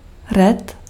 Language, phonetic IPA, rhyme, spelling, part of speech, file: Czech, [ˈrɛt], -ɛt, ret, noun, Cs-ret.ogg
- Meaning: lip